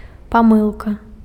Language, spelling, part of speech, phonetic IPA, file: Belarusian, памылка, noun, [paˈmɨɫka], Be-памылка.ogg
- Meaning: mistake, error